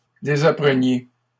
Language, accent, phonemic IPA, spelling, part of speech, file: French, Canada, /de.za.pʁə.nje/, désappreniez, verb, LL-Q150 (fra)-désappreniez.wav
- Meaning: inflection of désapprendre: 1. second-person plural imperfect indicative 2. second-person plural present subjunctive